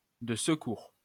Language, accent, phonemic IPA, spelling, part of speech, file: French, France, /də s(ə).kuʁ/, de secours, adjective, LL-Q150 (fra)-de secours.wav
- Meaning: backup, emergency